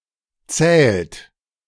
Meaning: inflection of zählen: 1. third-person singular present 2. second-person plural present 3. plural imperative
- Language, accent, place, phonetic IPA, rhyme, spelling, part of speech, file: German, Germany, Berlin, [t͡sɛːlt], -ɛːlt, zählt, verb, De-zählt.ogg